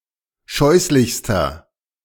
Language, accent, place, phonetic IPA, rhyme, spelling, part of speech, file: German, Germany, Berlin, [ˈʃɔɪ̯slɪçstɐ], -ɔɪ̯slɪçstɐ, scheußlichster, adjective, De-scheußlichster.ogg
- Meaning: inflection of scheußlich: 1. strong/mixed nominative masculine singular superlative degree 2. strong genitive/dative feminine singular superlative degree 3. strong genitive plural superlative degree